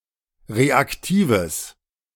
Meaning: strong/mixed nominative/accusative neuter singular of reaktiv
- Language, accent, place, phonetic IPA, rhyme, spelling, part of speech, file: German, Germany, Berlin, [ˌʁeakˈtiːvəs], -iːvəs, reaktives, adjective, De-reaktives.ogg